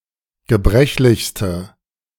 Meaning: inflection of gebrechlich: 1. strong/mixed nominative/accusative feminine singular superlative degree 2. strong nominative/accusative plural superlative degree
- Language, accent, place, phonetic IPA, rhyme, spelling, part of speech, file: German, Germany, Berlin, [ɡəˈbʁɛçlɪçstə], -ɛçlɪçstə, gebrechlichste, adjective, De-gebrechlichste.ogg